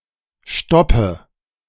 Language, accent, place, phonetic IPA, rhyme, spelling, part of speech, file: German, Germany, Berlin, [ˈʃtɔpə], -ɔpə, stoppe, verb, De-stoppe.ogg
- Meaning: inflection of stoppen: 1. first-person singular present 2. singular imperative 3. first/third-person singular subjunctive I